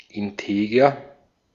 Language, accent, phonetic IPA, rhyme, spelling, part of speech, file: German, Austria, [ɪnˈteːɡɐ], -eːɡɐ, integer, adjective, De-at-integer.ogg
- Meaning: with integrity, of integrity